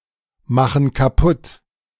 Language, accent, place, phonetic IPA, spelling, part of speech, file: German, Germany, Berlin, [ˌmaxn̩ kaˈpʊt], machen kaputt, verb, De-machen kaputt.ogg
- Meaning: inflection of kaputtmachen: 1. first/third-person plural present 2. first/third-person plural subjunctive I